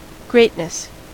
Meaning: 1. The state, condition, or quality of being great 2. Pride; haughtiness
- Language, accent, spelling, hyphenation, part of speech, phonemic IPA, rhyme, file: English, US, greatness, great‧ness, noun, /ˈɡɹeɪtnəs/, -eɪtnəs, En-us-greatness.ogg